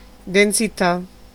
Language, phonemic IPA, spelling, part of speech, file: Italian, /densiˈta/, densità, noun, It-densità.ogg